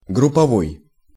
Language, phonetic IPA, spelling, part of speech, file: Russian, [ɡrʊp(ː)ɐˈvoj], групповой, adjective, Ru-групповой.ogg
- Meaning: group; team